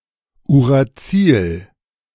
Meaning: uracil
- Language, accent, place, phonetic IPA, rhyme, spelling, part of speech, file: German, Germany, Berlin, [uʁaˈt͡siːl], -iːl, Uracil, noun, De-Uracil.ogg